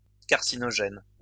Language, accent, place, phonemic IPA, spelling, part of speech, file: French, France, Lyon, /kaʁ.si.nɔ.ʒɛn/, carcinogène, noun / adjective, LL-Q150 (fra)-carcinogène.wav
- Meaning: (noun) carcinogen; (adjective) carcinogenic